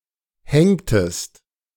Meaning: inflection of hängen: 1. second-person singular preterite 2. second-person singular subjunctive II
- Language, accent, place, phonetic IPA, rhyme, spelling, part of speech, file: German, Germany, Berlin, [ˈhɛŋtəst], -ɛŋtəst, hängtest, verb, De-hängtest.ogg